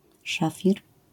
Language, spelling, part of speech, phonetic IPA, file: Polish, szafir, noun, [ˈʃafʲir], LL-Q809 (pol)-szafir.wav